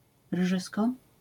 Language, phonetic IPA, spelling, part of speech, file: Polish, [ˈrʒɨskɔ], rżysko, noun, LL-Q809 (pol)-rżysko.wav